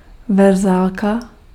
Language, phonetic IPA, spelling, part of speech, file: Czech, [ˈvɛrzaːlka], verzálka, noun, Cs-verzálka.ogg
- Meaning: capital letter